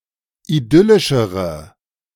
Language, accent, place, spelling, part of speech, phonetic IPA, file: German, Germany, Berlin, idyllischere, adjective, [iˈdʏlɪʃəʁə], De-idyllischere.ogg
- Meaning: inflection of idyllisch: 1. strong/mixed nominative/accusative feminine singular comparative degree 2. strong nominative/accusative plural comparative degree